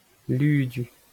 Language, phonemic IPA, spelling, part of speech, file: Breton, /ˈlyːdy/, ludu, noun, LL-Q12107 (bre)-ludu.wav
- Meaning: 1. ash 2. fertilizer